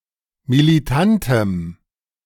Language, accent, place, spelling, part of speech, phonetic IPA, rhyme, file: German, Germany, Berlin, militantem, adjective, [miliˈtantəm], -antəm, De-militantem.ogg
- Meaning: strong dative masculine/neuter singular of militant